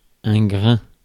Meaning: 1. grain 2. a small amount, a bit 3. squall, thunderstorm
- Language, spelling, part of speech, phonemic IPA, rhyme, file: French, grain, noun, /ɡʁɛ̃/, -ɛ̃, Fr-grain.ogg